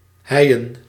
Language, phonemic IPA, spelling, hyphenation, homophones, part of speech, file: Dutch, /ˈɦɛi̯.ə(n)/, heien, hei‧en, Heijen, verb, Nl-heien.ogg
- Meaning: to drive (a pile, plank or wall) into the ground